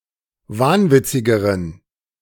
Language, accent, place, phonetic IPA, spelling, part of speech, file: German, Germany, Berlin, [ˈvaːnˌvɪt͡sɪɡəʁən], wahnwitzigeren, adjective, De-wahnwitzigeren.ogg
- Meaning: inflection of wahnwitzig: 1. strong genitive masculine/neuter singular comparative degree 2. weak/mixed genitive/dative all-gender singular comparative degree